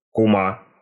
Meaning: 1. female equivalent of кум (kum): godmother of one's child or godchild, or mother of one's godchild 2. form of address to a middle-aged woman
- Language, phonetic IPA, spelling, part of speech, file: Russian, [kʊˈma], кума, noun, Ru-кума.ogg